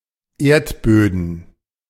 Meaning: plural of Erdboden
- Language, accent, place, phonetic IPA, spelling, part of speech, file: German, Germany, Berlin, [ˈeːɐ̯tˌbøːdn̩], Erdböden, noun, De-Erdböden.ogg